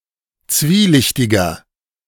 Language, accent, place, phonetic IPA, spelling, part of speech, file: German, Germany, Berlin, [ˈt͡sviːˌlɪçtɪɡɐ], zwielichtiger, adjective, De-zwielichtiger.ogg
- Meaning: inflection of zwielichtig: 1. strong/mixed nominative masculine singular 2. strong genitive/dative feminine singular 3. strong genitive plural